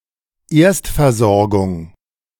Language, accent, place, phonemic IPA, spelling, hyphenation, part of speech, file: German, Germany, Berlin, /ˈeːɐ̯stfɛɐ̯ˌzɔʁɡʊŋ/, Erstversorgung, Erst‧ver‧sor‧gung, noun, De-Erstversorgung.ogg
- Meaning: 1. first-aid 2. initial treatment, primary care